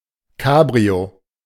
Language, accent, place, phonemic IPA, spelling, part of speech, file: German, Germany, Berlin, /ˈkaːbʁio/, Cabrio, noun, De-Cabrio.ogg
- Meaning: cabriolet (an automobile with a retractable top)